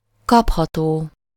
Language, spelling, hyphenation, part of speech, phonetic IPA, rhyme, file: Hungarian, kapható, kap‧ha‧tó, adjective, [ˈkɒphɒtoː], -toː, Hu-kapható.ogg
- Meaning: available (readily obtainable)